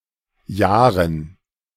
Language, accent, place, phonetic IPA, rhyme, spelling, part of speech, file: German, Germany, Berlin, [ˈjaːʁən], -aːʁən, Jahren, noun, De-Jahren.ogg
- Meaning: dative plural of Jahr